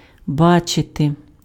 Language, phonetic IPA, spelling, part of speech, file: Ukrainian, [ˈbat͡ʃete], бачити, verb, Uk-бачити.ogg
- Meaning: 1. to see (perceive with the eyes) 2. to have the faculty of eyesight